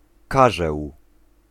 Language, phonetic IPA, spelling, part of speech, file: Polish, [ˈkaʒɛw], karzeł, noun, Pl-karzeł.ogg